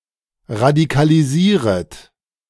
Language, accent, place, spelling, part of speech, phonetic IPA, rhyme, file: German, Germany, Berlin, radikalisieret, verb, [ʁadikaliˈziːʁət], -iːʁət, De-radikalisieret.ogg
- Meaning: second-person plural subjunctive I of radikalisieren